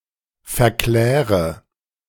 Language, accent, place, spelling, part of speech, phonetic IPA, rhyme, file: German, Germany, Berlin, verkläre, verb, [fɛɐ̯ˈklɛːʁə], -ɛːʁə, De-verkläre.ogg
- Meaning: inflection of verklären: 1. first-person singular present 2. first/third-person singular subjunctive I 3. singular imperative